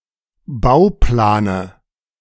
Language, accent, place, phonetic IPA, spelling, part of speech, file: German, Germany, Berlin, [ˈbaʊ̯ˌplaːnə], Bauplane, noun, De-Bauplane.ogg
- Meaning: dative singular of Bauplan